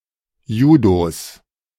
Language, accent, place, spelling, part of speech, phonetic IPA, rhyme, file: German, Germany, Berlin, Judos, noun, [ˈjuːdos], -uːdos, De-Judos.ogg
- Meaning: genitive of Judo